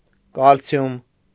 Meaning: calcium
- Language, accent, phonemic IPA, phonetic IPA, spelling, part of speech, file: Armenian, Eastern Armenian, /kɑlˈt͡sʰjum/, [kɑlt͡sʰjúm], կալցիում, noun, Hy-կալցիում.ogg